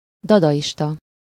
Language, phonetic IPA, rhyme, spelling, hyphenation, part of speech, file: Hungarian, [ˈdɒdɒjiʃtɒ], -tɒ, dadaista, da‧da‧is‧ta, adjective / noun, Hu-dadaista.ogg
- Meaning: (adjective) Dadaist